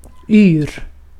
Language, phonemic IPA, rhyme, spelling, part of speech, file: Swedish, /yːr/, -yːr, yr, adjective / verb / noun, Sv-yr.ogg
- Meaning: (adjective) 1. dizzy 2. lively, jolly, skittish; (verb) 1. present indicative of yra 2. imperative of yra; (noun) 1. alternative form of ur 2. alternative form of yra 3. swirling dust or substance